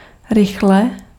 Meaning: quickly
- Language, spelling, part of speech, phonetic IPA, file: Czech, rychle, adverb, [ˈrɪxlɛ], Cs-rychle.ogg